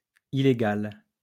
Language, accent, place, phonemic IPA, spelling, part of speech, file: French, France, Lyon, /i.le.ɡal/, illégale, adjective, LL-Q150 (fra)-illégale.wav
- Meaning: feminine singular of illégal